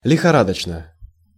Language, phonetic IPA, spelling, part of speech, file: Russian, [lʲɪxɐˈradət͡ɕnə], лихорадочно, adverb / adjective, Ru-лихорадочно.ogg
- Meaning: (adverb) feverishly; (adjective) short neuter singular of лихора́дочный (lixorádočnyj)